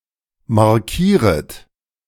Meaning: second-person plural subjunctive I of markieren
- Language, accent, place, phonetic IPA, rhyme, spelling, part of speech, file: German, Germany, Berlin, [maʁˈkiːʁət], -iːʁət, markieret, verb, De-markieret.ogg